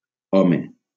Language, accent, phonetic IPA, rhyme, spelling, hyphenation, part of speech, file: Catalan, Valencia, [ˈɔ.me], -ɔme, home, ho‧me, noun / interjection, LL-Q7026 (cat)-home.wav
- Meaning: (noun) 1. man 2. husband; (interjection) A term of address for a man conveying annoyance, impatience, surprise, disagreement, etc